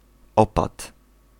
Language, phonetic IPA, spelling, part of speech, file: Polish, [ˈɔpat], opat, noun, Pl-opat.ogg